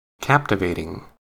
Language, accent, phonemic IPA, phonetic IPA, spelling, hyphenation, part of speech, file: English, General American, /ˈkæptɪveɪtɪŋ/, [ˈkæptɪveɪɾɪŋ], captivating, cap‧tiv‧at‧ing, adjective / verb, En-us-captivating.ogg
- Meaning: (adjective) 1. That captivates; fascinating 2. Very beautiful or attractive; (verb) present participle and gerund of captivate